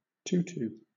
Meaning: A ballet skirt made of layered stiff but light netting
- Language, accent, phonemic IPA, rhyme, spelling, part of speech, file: English, Southern England, /ˈtuːtuː/, -uːtuː, tutu, noun, LL-Q1860 (eng)-tutu.wav